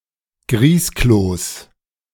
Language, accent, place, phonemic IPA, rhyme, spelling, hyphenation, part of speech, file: German, Germany, Berlin, /ˈɡʁiːskloːs/, -oːs, Grießkloß, Grieß‧kloß, noun, De-Grießkloß.ogg
- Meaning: semolina dumpling